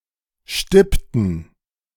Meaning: inflection of stippen: 1. first/third-person plural preterite 2. first/third-person plural subjunctive II
- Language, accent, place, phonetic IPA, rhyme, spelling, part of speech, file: German, Germany, Berlin, [ˈʃtɪptn̩], -ɪptn̩, stippten, verb, De-stippten.ogg